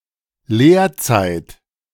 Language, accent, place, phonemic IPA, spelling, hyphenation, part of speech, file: German, Germany, Berlin, /ˈleːɐ̯ˌt͡saɪ̯t/, Lehrzeit, Lehr‧zeit, noun, De-Lehrzeit.ogg
- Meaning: apprenticeship (condition of, or the time served by, an apprentice)